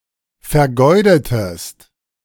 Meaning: strong/mixed nominative/accusative neuter singular of vergeudet
- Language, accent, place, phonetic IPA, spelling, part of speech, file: German, Germany, Berlin, [fɛɐ̯ˈɡɔɪ̯dətəs], vergeudetes, adjective, De-vergeudetes.ogg